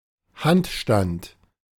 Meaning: handstand (a movement or position in which a person is upside down)
- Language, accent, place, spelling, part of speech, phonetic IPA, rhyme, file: German, Germany, Berlin, Handstand, noun, [ˈhantˌʃtant], -antʃtant, De-Handstand.ogg